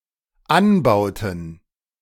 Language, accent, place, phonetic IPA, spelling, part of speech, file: German, Germany, Berlin, [ˈanˌbaʊ̯tn̩], anbauten, verb, De-anbauten.ogg
- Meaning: inflection of anbauen: 1. first/third-person plural dependent preterite 2. first/third-person plural dependent subjunctive II